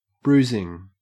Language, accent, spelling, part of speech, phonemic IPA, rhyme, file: English, Australia, bruising, verb / adjective / noun, /ˈbɹuːzɪŋ/, -uːzɪŋ, En-au-bruising.ogg
- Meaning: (verb) present participle and gerund of bruise; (adjective) 1. That bruises 2. Wearisome, arduous; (noun) 1. A violent physical attack on a person 2. Bruises on a person's skin